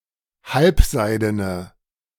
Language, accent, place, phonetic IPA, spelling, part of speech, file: German, Germany, Berlin, [ˈhalpˌzaɪ̯dənə], halbseidene, adjective, De-halbseidene.ogg
- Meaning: inflection of halbseiden: 1. strong/mixed nominative/accusative feminine singular 2. strong nominative/accusative plural 3. weak nominative all-gender singular